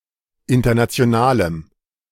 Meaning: strong dative masculine/neuter singular of international
- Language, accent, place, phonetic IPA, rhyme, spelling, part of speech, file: German, Germany, Berlin, [ˌɪntɐnat͡si̯oˈnaːləm], -aːləm, internationalem, adjective, De-internationalem.ogg